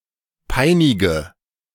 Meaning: inflection of peinigen: 1. first-person singular present 2. first/third-person singular subjunctive I 3. singular imperative
- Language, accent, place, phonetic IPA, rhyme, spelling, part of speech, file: German, Germany, Berlin, [ˈpaɪ̯nɪɡə], -aɪ̯nɪɡə, peinige, verb, De-peinige.ogg